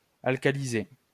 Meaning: to alkalize
- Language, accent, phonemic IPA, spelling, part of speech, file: French, France, /al.ka.li.ze/, alcaliser, verb, LL-Q150 (fra)-alcaliser.wav